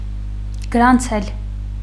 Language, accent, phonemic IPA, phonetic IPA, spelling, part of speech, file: Armenian, Eastern Armenian, /ɡəɾɑnˈt͡sʰel/, [ɡəɾɑnt͡sʰél], գրանցել, verb, Hy-գրանցել.ogg
- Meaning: 1. to record 2. to enter 3. to register